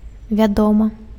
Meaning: 1. of course; surely 2. known, well known
- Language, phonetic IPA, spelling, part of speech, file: Belarusian, [vʲaˈdoma], вядома, interjection, Be-вядома.ogg